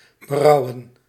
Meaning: to (cause to) regret, to rue, to repent
- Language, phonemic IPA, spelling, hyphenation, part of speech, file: Dutch, /bəˈrɑu̯ə(n)/, berouwen, be‧rou‧wen, verb, Nl-berouwen.ogg